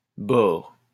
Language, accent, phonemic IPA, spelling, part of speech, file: French, France, /bɔʁ/, bore, noun, LL-Q150 (fra)-bore.wav
- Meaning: boron